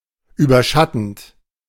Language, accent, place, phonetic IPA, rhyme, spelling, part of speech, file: German, Germany, Berlin, [ˌyːbɐˈʃatn̩t], -atn̩t, überschattend, verb, De-überschattend.ogg
- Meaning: present participle of überschatten